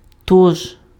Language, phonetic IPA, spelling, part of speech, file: Ukrainian, [tɔʒ], тож, conjunction, Uk-тож.ogg
- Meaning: so, hence (consequently)